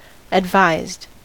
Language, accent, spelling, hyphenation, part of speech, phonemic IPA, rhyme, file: English, US, advised, ad‧vised, adjective / verb, /ədˈvaɪzd/, -aɪzd, En-us-advised.ogg
- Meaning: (adjective) 1. Considered or thought out; resulting from deliberation 2. Informed, appraised or made aware; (verb) simple past and past participle of advise